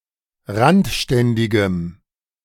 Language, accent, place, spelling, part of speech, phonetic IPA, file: German, Germany, Berlin, randständigem, adjective, [ˈʁantˌʃtɛndɪɡəm], De-randständigem.ogg
- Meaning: strong dative masculine/neuter singular of randständig